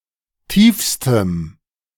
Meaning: strong dative masculine/neuter singular superlative degree of tief
- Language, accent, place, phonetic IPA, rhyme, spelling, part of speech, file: German, Germany, Berlin, [ˈtiːfstəm], -iːfstəm, tiefstem, adjective, De-tiefstem.ogg